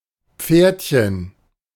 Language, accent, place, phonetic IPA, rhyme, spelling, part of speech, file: German, Germany, Berlin, [ˈp͡feːɐ̯tçən], -eːɐ̯tçən, Pferdchen, noun, De-Pferdchen.ogg
- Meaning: diminutive of Pferd